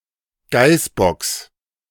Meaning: genitive singular of Geißbock
- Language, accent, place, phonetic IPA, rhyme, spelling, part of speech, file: German, Germany, Berlin, [ˈɡaɪ̯sˌbɔks], -aɪ̯sbɔks, Geißbocks, noun, De-Geißbocks.ogg